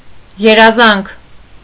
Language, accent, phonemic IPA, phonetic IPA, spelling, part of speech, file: Armenian, Eastern Armenian, /jeɾɑˈzɑnkʰ/, [jeɾɑzɑ́ŋkʰ], երազանք, noun, Hy-երազանք.ogg
- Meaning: dream (hope or wish)